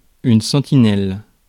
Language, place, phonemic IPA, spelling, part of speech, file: French, Paris, /sɑ̃.ti.nɛl/, sentinelle, noun, Fr-sentinelle.ogg
- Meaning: sentinel, sentry, guard